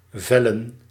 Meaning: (verb) 1. to fell, cut down 2. to decide, to pronounce; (noun) plural of vel
- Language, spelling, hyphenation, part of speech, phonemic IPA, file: Dutch, vellen, vel‧len, verb / noun, /ˈvɛ.lə(n)/, Nl-vellen.ogg